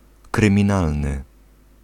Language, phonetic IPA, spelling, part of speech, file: Polish, [ˌkrɨ̃mʲĩˈnalnɨ], kryminalny, adjective / noun, Pl-kryminalny.ogg